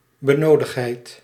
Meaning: supply; requirement; requisite
- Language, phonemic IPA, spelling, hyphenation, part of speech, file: Dutch, /bəˈnoː.dəxtˌɦɛi̯t/, benodigdheid, be‧no‧digd‧heid, noun, Nl-benodigdheid.ogg